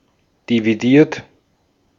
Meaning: 1. past participle of dividieren 2. inflection of dividieren: third-person singular present 3. inflection of dividieren: second-person plural present 4. inflection of dividieren: plural imperative
- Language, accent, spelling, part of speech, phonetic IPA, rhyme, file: German, Austria, dividiert, verb, [diviˈdiːɐ̯t], -iːɐ̯t, De-at-dividiert.ogg